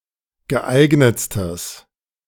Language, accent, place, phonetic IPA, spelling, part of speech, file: German, Germany, Berlin, [ɡəˈʔaɪ̯ɡnət͡stəs], geeignetstes, adjective, De-geeignetstes.ogg
- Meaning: strong/mixed nominative/accusative neuter singular superlative degree of geeignet